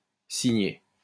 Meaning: 1. bookmark (strip used to mark a place in a book) 2. signet
- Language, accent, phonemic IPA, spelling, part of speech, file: French, France, /si.ɲɛ/, signet, noun, LL-Q150 (fra)-signet.wav